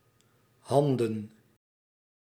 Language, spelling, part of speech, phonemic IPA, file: Dutch, handen, noun, /ˈɦɑn.də(n)/, Nl-handen.ogg
- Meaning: plural of hand